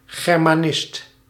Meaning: a practitioner of the study of Germanic languages and the associated literatures and general cultures, sometimes including Germanic law
- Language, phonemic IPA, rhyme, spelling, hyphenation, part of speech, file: Dutch, /ˌɣɛr.maːˈnɪst/, -ɪst, germanist, ger‧ma‧nist, noun, Nl-germanist.ogg